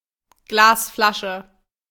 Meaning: glass bottle
- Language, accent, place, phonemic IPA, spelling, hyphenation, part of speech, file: German, Germany, Berlin, /ˈɡlaːsˌflaʃə/, Glasflasche, Glas‧fla‧sche, noun, De-Glasflasche.ogg